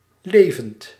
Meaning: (adjective) living, alive; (verb) present participle of leven
- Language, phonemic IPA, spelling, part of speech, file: Dutch, /ˈlevənt/, levend, verb / adjective, Nl-levend.ogg